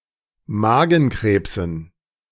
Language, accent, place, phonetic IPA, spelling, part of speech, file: German, Germany, Berlin, [ˈmaːɡn̩ˌkʁeːpsn̩], Magenkrebsen, noun, De-Magenkrebsen.ogg
- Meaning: dative plural of Magenkrebs